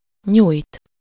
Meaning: 1. to stretch, to extend, to lengthen, to prolong 2. to roll out (when baking) 3. to stretch (the muscles or limb, as in exercising)
- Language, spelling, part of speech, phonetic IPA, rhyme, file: Hungarian, nyújt, verb, [ˈɲuːjt], -uːjt, Hu-nyújt.ogg